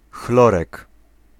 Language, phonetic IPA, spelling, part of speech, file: Polish, [ˈxlɔrɛk], chlorek, noun, Pl-chlorek.ogg